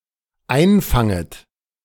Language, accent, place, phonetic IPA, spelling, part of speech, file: German, Germany, Berlin, [ˈaɪ̯nˌfaŋət], einfanget, verb, De-einfanget.ogg
- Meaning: second-person plural dependent subjunctive I of einfangen